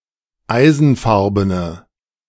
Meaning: inflection of eisenfarben: 1. strong/mixed nominative/accusative feminine singular 2. strong nominative/accusative plural 3. weak nominative all-gender singular
- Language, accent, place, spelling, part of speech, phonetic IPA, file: German, Germany, Berlin, eisenfarbene, adjective, [ˈaɪ̯zn̩ˌfaʁbənə], De-eisenfarbene.ogg